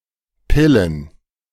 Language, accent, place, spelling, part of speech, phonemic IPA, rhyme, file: German, Germany, Berlin, Pillen, noun, /ˈpɪlən/, -ɪlən, De-Pillen.ogg
- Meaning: plural of Pille